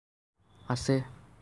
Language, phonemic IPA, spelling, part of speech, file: Assamese, /asɛ/, আছে, verb, As-আছে.ogg
- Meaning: there is; there are